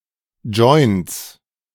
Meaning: plural of Joint
- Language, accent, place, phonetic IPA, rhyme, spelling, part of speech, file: German, Germany, Berlin, [d͡ʒɔɪ̯nt͡s], -ɔɪ̯nt͡s, Joints, noun, De-Joints.ogg